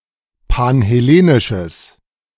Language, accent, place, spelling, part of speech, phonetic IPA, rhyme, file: German, Germany, Berlin, panhellenisches, adjective, [panhɛˈleːnɪʃəs], -eːnɪʃəs, De-panhellenisches.ogg
- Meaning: strong/mixed nominative/accusative neuter singular of panhellenisch